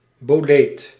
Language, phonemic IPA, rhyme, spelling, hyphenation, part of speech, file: Dutch, /boːˈleːt/, -eːt, boleet, bo‧leet, noun, Nl-boleet.ogg
- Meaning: bolete (mushroom of the order Boletales)